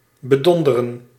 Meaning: 1. to double-cross, to cheat 2. to baffle, to perplex
- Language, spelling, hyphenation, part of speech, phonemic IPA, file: Dutch, bedonderen, be‧don‧de‧ren, verb, /bəˈdɔndərə(n)/, Nl-bedonderen.ogg